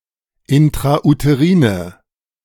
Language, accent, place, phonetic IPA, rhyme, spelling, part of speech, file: German, Germany, Berlin, [ɪntʁaʔuteˈʁiːnə], -iːnə, intrauterine, adjective, De-intrauterine.ogg
- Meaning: inflection of intrauterin: 1. strong/mixed nominative/accusative feminine singular 2. strong nominative/accusative plural 3. weak nominative all-gender singular